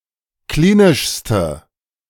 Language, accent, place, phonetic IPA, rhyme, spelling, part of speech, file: German, Germany, Berlin, [ˈkliːnɪʃstə], -iːnɪʃstə, klinischste, adjective, De-klinischste.ogg
- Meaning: inflection of klinisch: 1. strong/mixed nominative/accusative feminine singular superlative degree 2. strong nominative/accusative plural superlative degree